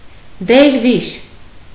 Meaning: Dervish
- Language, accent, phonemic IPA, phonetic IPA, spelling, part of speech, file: Armenian, Eastern Armenian, /deɾˈviʃ/, [deɾvíʃ], դերվիշ, noun, Hy-դերվիշ.ogg